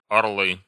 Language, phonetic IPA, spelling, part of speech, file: Russian, [ɐrˈɫɨ], орлы, noun, Ru-орлы.ogg
- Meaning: nominative plural of орёл (orjól)